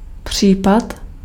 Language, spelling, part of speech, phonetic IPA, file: Czech, případ, noun, [ˈpr̝̊iːpat], Cs-případ.ogg
- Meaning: 1. case (one of several similar instances or events) 2. case (a legal proceeding, lawsuit)